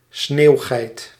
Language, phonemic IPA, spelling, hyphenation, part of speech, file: Dutch, /ˈsneːu̯.ɣɛi̯t/, sneeuwgeit, sneeuw‧geit, noun, Nl-sneeuwgeit.ogg
- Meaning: mountain goat (Oreamnos americanus, individual or species)